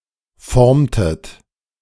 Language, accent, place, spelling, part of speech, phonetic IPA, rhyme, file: German, Germany, Berlin, formtet, verb, [ˈfɔʁmtət], -ɔʁmtət, De-formtet.ogg
- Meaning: inflection of formen: 1. second-person plural preterite 2. second-person plural subjunctive II